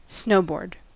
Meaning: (noun) A board, somewhat like a broad ski, or a very long skateboard with no wheels, used in the sport of snowboarding; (verb) 1. To ride a snowboard 2. To travel over (a slope etc.) on a snowboard
- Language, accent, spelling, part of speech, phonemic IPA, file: English, US, snowboard, noun / verb, /ˈsnoʊˌbɔɹd/, En-us-snowboard.ogg